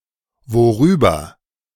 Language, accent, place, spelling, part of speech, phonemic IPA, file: German, Germany, Berlin, worüber, adverb, /ˈvoːˌʁyːbɐ/, De-worüber.ogg
- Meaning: generally corresponding to über was; mainly: 1. over what 2. about what